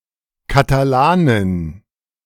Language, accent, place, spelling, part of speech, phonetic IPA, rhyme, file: German, Germany, Berlin, Katalanin, noun, [kataˈlaːnɪn], -aːnɪn, De-Katalanin.ogg
- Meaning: Catalan (female person from or inhabitant of Catalonia)